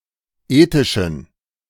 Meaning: inflection of ethisch: 1. strong genitive masculine/neuter singular 2. weak/mixed genitive/dative all-gender singular 3. strong/weak/mixed accusative masculine singular 4. strong dative plural
- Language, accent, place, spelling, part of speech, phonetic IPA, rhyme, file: German, Germany, Berlin, ethischen, adjective, [ˈeːtɪʃn̩], -eːtɪʃn̩, De-ethischen.ogg